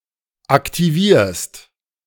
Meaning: second-person singular present of aktivieren
- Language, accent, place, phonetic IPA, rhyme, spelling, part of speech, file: German, Germany, Berlin, [aktiˈviːɐ̯st], -iːɐ̯st, aktivierst, verb, De-aktivierst.ogg